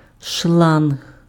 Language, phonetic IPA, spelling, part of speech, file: Ukrainian, [ʃɫanɦ], шланг, noun, Uk-шланг.ogg
- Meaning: hose